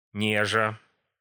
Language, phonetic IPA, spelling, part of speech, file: Russian, [ˈnʲeʐə], нежа, verb, Ru-нежа.ogg
- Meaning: present adverbial imperfective participle of не́жить (néžitʹ)